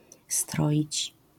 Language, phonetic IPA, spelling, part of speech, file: Polish, [ˈstrɔʲit͡ɕ], stroić, verb, LL-Q809 (pol)-stroić.wav